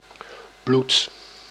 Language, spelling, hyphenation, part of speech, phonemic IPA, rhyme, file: Dutch, bloed, bloed, noun / verb, /blut/, -ut, Nl-bloed.ogg
- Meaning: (noun) 1. blood 2. a grave consequence, a high price 3. a whole body; especially (plural also (archaic) bloeien in this sense) a (poor) person